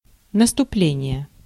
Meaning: 1. offensive, onset, advance (an attack) 2. beginning, coming
- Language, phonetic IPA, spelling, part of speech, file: Russian, [nəstʊˈplʲenʲɪje], наступление, noun, Ru-наступление.ogg